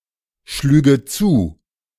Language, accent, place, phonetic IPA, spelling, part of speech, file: German, Germany, Berlin, [ˌʃlyːɡə ˈt͡suː], schlüge zu, verb, De-schlüge zu.ogg
- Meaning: first/third-person singular subjunctive II of zuschlagen